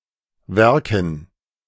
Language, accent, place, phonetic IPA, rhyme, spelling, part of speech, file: German, Germany, Berlin, [ˈvɛʁkn̩], -ɛʁkn̩, Werken, noun, De-Werken.ogg
- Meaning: 1. gerund of werken 2. handicraft(s) 3. dative plural of Werk